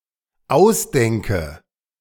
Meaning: inflection of ausdenken: 1. first-person singular dependent present 2. first/third-person singular dependent subjunctive I
- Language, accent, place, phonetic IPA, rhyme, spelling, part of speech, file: German, Germany, Berlin, [ˈaʊ̯sˌdɛŋkə], -aʊ̯sdɛŋkə, ausdenke, verb, De-ausdenke.ogg